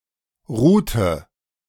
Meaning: inflection of ruhen: 1. first/third-person singular preterite 2. first/third-person singular subjunctive II
- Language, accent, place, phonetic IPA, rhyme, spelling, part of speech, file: German, Germany, Berlin, [ˈʁuːtə], -uːtə, ruhte, verb, De-ruhte.ogg